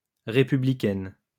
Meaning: feminine singular of républicain
- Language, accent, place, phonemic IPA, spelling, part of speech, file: French, France, Lyon, /ʁe.py.bli.kɛn/, républicaine, adjective, LL-Q150 (fra)-républicaine.wav